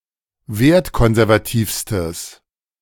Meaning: strong/mixed nominative/accusative neuter singular superlative degree of wertkonservativ
- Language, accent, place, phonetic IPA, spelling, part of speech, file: German, Germany, Berlin, [ˈveːɐ̯tˌkɔnzɛʁvaˌtiːfstəs], wertkonservativstes, adjective, De-wertkonservativstes.ogg